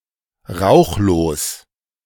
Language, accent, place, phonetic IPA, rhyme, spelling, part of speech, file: German, Germany, Berlin, [ˈʁaʊ̯xloːs], -aʊ̯xloːs, rauchlos, adjective, De-rauchlos.ogg
- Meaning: smokeless